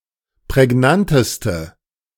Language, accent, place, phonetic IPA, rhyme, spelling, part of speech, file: German, Germany, Berlin, [pʁɛˈɡnantəstə], -antəstə, prägnanteste, adjective, De-prägnanteste.ogg
- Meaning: inflection of prägnant: 1. strong/mixed nominative/accusative feminine singular superlative degree 2. strong nominative/accusative plural superlative degree